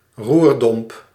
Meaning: 1. great bittern, Eurasian bittern (Botaurus stellaris) 2. bittern (bird of the genus Botaurus)
- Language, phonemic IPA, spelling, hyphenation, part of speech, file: Dutch, /ˈrur.dɔmp/, roerdomp, roer‧domp, noun, Nl-roerdomp.ogg